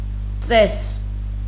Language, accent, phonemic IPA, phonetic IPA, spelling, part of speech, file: Armenian, Eastern Armenian, /t͡ses/, [t͡ses], ծես, noun, Hy-ծես.ogg
- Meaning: ritual, rite, ceremony